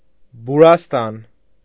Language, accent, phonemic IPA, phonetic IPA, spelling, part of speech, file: Armenian, Eastern Armenian, /buɾɑsˈtɑn/, [buɾɑstɑ́n], բուրաստան, noun, Hy-բուրաստան.ogg
- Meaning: a garden with sweet-smelling trees and flowers